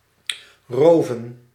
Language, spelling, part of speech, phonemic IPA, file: Dutch, roven, verb / noun, /ˈroːvə(n)/, Nl-roven.ogg
- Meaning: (verb) 1. to rob, steal 2. to take away in general; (noun) plural of roof